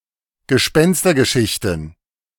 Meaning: plural of Gespenstergeschichte
- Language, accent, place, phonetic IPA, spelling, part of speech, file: German, Germany, Berlin, [ɡəˈʃpɛnstɐɡəˌʃɪçtn̩], Gespenstergeschichten, noun, De-Gespenstergeschichten.ogg